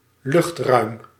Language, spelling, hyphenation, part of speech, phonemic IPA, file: Dutch, luchtruim, lucht‧ruim, noun, /ˈlʏxt.rœy̯m/, Nl-luchtruim.ogg
- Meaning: airspace